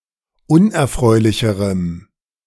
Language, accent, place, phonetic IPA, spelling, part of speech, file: German, Germany, Berlin, [ˈʊnʔɛɐ̯ˌfʁɔɪ̯lɪçəʁəm], unerfreulicherem, adjective, De-unerfreulicherem.ogg
- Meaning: strong dative masculine/neuter singular comparative degree of unerfreulich